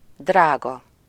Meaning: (adjective) 1. expensive (having a high price or cost) 2. precious, valuable (of high value or worth) 3. costly (requiring great sacrifice, having grave consequences) 4. dear
- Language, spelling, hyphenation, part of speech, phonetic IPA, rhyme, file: Hungarian, drága, drá‧ga, adjective / noun, [ˈdraːɡɒ], -ɡɒ, Hu-drága.ogg